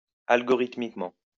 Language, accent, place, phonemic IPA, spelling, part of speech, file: French, France, Lyon, /al.ɡɔ.ʁit.mik.mɑ̃/, algorithmiquement, adverb, LL-Q150 (fra)-algorithmiquement.wav
- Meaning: algorithmically